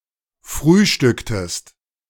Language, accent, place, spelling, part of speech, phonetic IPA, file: German, Germany, Berlin, frühstücktest, verb, [ˈfʁyːˌʃtʏktəst], De-frühstücktest.ogg
- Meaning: inflection of frühstücken: 1. second-person singular preterite 2. second-person singular subjunctive II